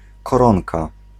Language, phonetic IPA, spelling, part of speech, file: Polish, [kɔˈrɔ̃nka], koronka, noun, Pl-koronka.ogg